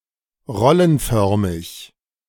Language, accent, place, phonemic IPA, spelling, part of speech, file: German, Germany, Berlin, /ˈʁɔlənˌfœʁmɪç/, rollenförmig, adjective, De-rollenförmig.ogg
- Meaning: shaped like a roll or tube